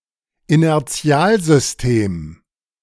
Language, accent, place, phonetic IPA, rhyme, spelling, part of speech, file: German, Germany, Berlin, [inɛʁˈt͡si̯aːlzʏsˌteːm], -aːlzʏsteːm, Inertialsystem, noun, De-Inertialsystem.ogg
- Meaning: inertial frame of reference